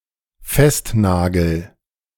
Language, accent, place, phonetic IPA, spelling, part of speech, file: German, Germany, Berlin, [ˈfɛstˌnaːɡl̩], festnagel, verb, De-festnagel.ogg
- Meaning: first-person singular dependent present of festnageln